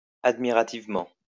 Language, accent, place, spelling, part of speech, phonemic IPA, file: French, France, Lyon, admirativement, adverb, /ad.mi.ʁa.tiv.mɑ̃/, LL-Q150 (fra)-admirativement.wav
- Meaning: admiringly